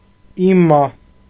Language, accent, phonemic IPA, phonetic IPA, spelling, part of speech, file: Armenian, Eastern Armenian, /iˈmɑ/, [imɑ́], իմա, particle, Hy-իմա.ogg
- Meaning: that is, i.e